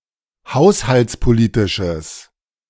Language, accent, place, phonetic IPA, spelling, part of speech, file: German, Germany, Berlin, [ˈhaʊ̯shalt͡spoˌliːtɪʃəs], haushaltspolitisches, adjective, De-haushaltspolitisches.ogg
- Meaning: strong/mixed nominative/accusative neuter singular of haushaltspolitisch